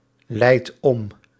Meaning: inflection of omleiden: 1. second/third-person singular present indicative 2. plural imperative
- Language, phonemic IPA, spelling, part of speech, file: Dutch, /ˈlɛit ˈɔm/, leidt om, verb, Nl-leidt om.ogg